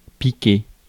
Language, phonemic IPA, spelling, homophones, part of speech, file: French, /pi.ke/, piquer, piquai / piqué / piquée / piquées / piqués / piquez, verb, Fr-piquer.ogg
- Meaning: 1. to prick; to sting 2. to sting 3. to put down, euthanise (an animal) 4. to nick, pinch, steal 5. to pride oneself on; to like to think that one can do 6. to stitch together